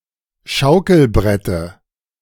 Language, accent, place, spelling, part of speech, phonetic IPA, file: German, Germany, Berlin, Schaukelbrette, noun, [ˈʃaʊ̯kl̩ˌbʁɛtə], De-Schaukelbrette.ogg
- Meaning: dative of Schaukelbrett